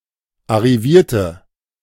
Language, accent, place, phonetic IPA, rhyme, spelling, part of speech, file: German, Germany, Berlin, [aʁiˈviːɐ̯tə], -iːɐ̯tə, arrivierte, adjective / verb, De-arrivierte.ogg
- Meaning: inflection of arrivieren: 1. first/third-person singular preterite 2. first/third-person singular subjunctive II